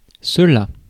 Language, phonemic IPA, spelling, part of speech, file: French, /sə.la/, cela, pronoun / verb, Fr-cela.ogg
- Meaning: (pronoun) that; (verb) third-person singular past historic of celer